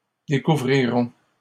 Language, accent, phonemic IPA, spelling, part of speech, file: French, Canada, /de.ku.vʁi.ʁɔ̃/, découvrirons, verb, LL-Q150 (fra)-découvrirons.wav
- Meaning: first-person plural future of découvrir